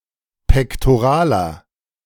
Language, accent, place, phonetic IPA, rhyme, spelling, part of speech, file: German, Germany, Berlin, [pɛktoˈʁaːlɐ], -aːlɐ, pektoraler, adjective, De-pektoraler.ogg
- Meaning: inflection of pektoral: 1. strong/mixed nominative masculine singular 2. strong genitive/dative feminine singular 3. strong genitive plural